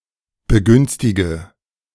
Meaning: inflection of begünstigen: 1. first-person singular present 2. first/third-person singular subjunctive I 3. singular imperative
- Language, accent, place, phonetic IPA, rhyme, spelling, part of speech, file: German, Germany, Berlin, [bəˈɡʏnstɪɡə], -ʏnstɪɡə, begünstige, verb, De-begünstige.ogg